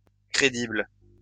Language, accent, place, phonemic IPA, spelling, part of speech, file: French, France, Lyon, /kʁe.dibl/, crédibles, adjective, LL-Q150 (fra)-crédibles.wav
- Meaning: plural of crédible